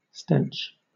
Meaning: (noun) 1. a strong foul smell; a stink 2. A foul quality 3. A smell or odour, not necessarily bad; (verb) 1. To cause to emit a disagreeable odour; to cause to stink 2. To stanch
- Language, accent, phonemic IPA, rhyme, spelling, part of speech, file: English, Southern England, /stɛnt͡ʃ/, -ɛntʃ, stench, noun / verb, LL-Q1860 (eng)-stench.wav